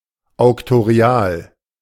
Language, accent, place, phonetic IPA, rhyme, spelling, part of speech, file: German, Germany, Berlin, [aʊ̯ktoˈʁi̯aːl], -aːl, auktorial, adjective, De-auktorial.ogg
- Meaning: auctorial